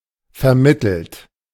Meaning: 1. past participle of vermitteln 2. inflection of vermitteln: third-person singular present 3. inflection of vermitteln: second-person plural present 4. inflection of vermitteln: plural imperative
- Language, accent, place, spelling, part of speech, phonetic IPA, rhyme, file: German, Germany, Berlin, vermittelt, verb, [fɛɐ̯ˈmɪtl̩t], -ɪtl̩t, De-vermittelt.ogg